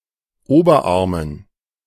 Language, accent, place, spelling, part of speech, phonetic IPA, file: German, Germany, Berlin, Oberarmen, noun, [ˈoːbɐˌʔaʁmən], De-Oberarmen.ogg
- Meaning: dative plural of Oberarm